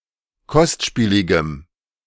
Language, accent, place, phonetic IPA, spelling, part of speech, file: German, Germany, Berlin, [ˈkɔstˌʃpiːlɪɡəm], kostspieligem, adjective, De-kostspieligem.ogg
- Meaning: strong dative masculine/neuter singular of kostspielig